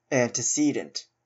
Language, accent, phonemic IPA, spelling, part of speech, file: English, Canada, /ˌæntɪˈsiːdənt/, antecedent, adjective / noun, En-ca-antecedent.oga
- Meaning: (adjective) 1. Earlier, either in time or in order 2. Presumptive; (noun) 1. Any thing that precedes another thing, especially the cause of the second thing 2. An ancestor